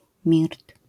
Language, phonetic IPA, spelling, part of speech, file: Polish, [mʲirt], mirt, noun, LL-Q809 (pol)-mirt.wav